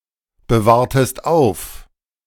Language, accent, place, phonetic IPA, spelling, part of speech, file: German, Germany, Berlin, [bəˌvaːɐ̯təst ˈaʊ̯f], bewahrtest auf, verb, De-bewahrtest auf.ogg
- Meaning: inflection of aufbewahren: 1. second-person singular preterite 2. second-person singular subjunctive II